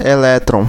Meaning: electron (the negatively charged subatomic particles that orbit atoms)
- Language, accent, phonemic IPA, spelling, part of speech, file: Portuguese, Brazil, /eˈlɛ.tɾõ/, elétron, noun, Pt-br-elétron.ogg